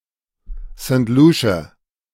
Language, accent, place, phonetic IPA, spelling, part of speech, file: German, Germany, Berlin, [sn̩t ˈluːʃə], St. Lucia, proper noun, De-St. Lucia.ogg
- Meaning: Saint Lucia (an island and country in the Caribbean)